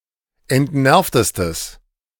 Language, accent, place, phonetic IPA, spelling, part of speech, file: German, Germany, Berlin, [ɛntˈnɛʁftəstəs], entnervtestes, adjective, De-entnervtestes.ogg
- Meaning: strong/mixed nominative/accusative neuter singular superlative degree of entnervt